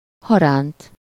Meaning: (adverb) crosswise; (adjective) transverse (situated or lying across)
- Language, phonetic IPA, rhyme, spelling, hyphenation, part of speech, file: Hungarian, [ˈhɒraːnt], -aːnt, haránt, ha‧ránt, adverb / adjective, Hu-haránt.ogg